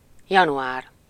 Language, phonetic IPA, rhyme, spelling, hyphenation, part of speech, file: Hungarian, [ˈjɒnuaːr], -aːr, január, ja‧nu‧ár, noun, Hu-január.ogg
- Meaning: January